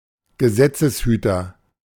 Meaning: law enforcement officer
- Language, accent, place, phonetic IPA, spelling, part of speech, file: German, Germany, Berlin, [ɡəˈzɛt͡səsˌhyːtɐ], Gesetzeshüter, noun, De-Gesetzeshüter.ogg